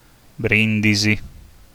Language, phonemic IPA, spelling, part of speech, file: Italian, /ˈbrindizi/, Brindisi, proper noun, It-Brindisi.ogg